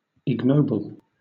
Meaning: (adjective) 1. Not noble; plebeian; common 2. Not honorable; base 3. Not a true or "noble" falcon; said of certain hawks, such as the goshawk 4. Of an element, dangerously reactive
- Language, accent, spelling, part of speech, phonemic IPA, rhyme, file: English, Southern England, ignoble, adjective / verb, /ɪɡˈnəʊbəl/, -əʊbəl, LL-Q1860 (eng)-ignoble.wav